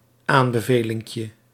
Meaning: diminutive of aanbeveling
- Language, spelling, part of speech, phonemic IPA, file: Dutch, aanbevelinkje, noun, /ˈambəˌvelɪŋkjə/, Nl-aanbevelinkje.ogg